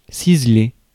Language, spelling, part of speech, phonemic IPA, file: French, ciseler, verb, /siz.le/, Fr-ciseler.ogg
- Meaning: 1. to chisel 2. to chop finely